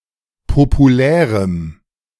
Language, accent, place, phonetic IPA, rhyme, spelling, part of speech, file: German, Germany, Berlin, [popuˈlɛːʁəm], -ɛːʁəm, populärem, adjective, De-populärem.ogg
- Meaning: strong dative masculine/neuter singular of populär